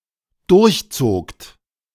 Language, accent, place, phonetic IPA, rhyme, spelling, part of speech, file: German, Germany, Berlin, [ˌdʊʁçˈt͡soːkt], -oːkt, durchzogt, verb, De-durchzogt.ogg
- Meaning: second-person plural dependent preterite of durchziehen